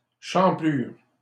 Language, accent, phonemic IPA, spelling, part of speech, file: French, Canada, /ʃɑ̃.plyʁ/, champlure, noun, LL-Q150 (fra)-champlure.wav
- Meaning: tap